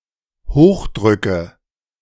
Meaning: nominative/accusative/genitive plural of Hochdruck
- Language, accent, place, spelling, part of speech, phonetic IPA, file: German, Germany, Berlin, Hochdrücke, noun, [ˈhoːxˌdʁʏkə], De-Hochdrücke.ogg